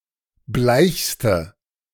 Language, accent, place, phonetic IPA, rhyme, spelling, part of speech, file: German, Germany, Berlin, [ˈblaɪ̯çstə], -aɪ̯çstə, bleichste, adjective, De-bleichste.ogg
- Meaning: inflection of bleich: 1. strong/mixed nominative/accusative feminine singular superlative degree 2. strong nominative/accusative plural superlative degree